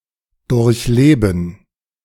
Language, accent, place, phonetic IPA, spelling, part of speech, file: German, Germany, Berlin, [ˌdʊʁçˈleːbn̩], durchleben, verb, De-durchleben.ogg
- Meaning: to experience, to live through